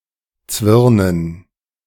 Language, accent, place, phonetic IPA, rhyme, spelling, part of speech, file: German, Germany, Berlin, [ˈt͡svɪʁnən], -ɪʁnən, Zwirnen, noun, De-Zwirnen.ogg
- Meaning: dative plural of Zwirn